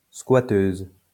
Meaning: female equivalent of squatteur
- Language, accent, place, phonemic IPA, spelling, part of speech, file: French, France, Lyon, /skwa.tøz/, squatteuse, noun, LL-Q150 (fra)-squatteuse.wav